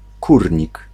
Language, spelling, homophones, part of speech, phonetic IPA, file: Polish, Kórnik, kurnik, proper noun, [ˈkurʲɲik], Pl-Kórnik.ogg